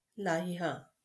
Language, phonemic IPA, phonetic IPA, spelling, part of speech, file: Marathi, /laɦ.ja/, [lʱa.ja], लाह्या, noun, LL-Q1571 (mar)-लाह्या.wav
- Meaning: 1. plural of लाही (lāhī) 2. popcorn